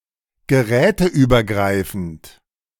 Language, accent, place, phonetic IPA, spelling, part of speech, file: German, Germany, Berlin, [ɡəˈʁɛːtəʔyːbɐˌɡʁaɪ̯fn̩t], geräteübergreifend, adjective, De-geräteübergreifend.ogg
- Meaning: cross-device (working across multiple devices)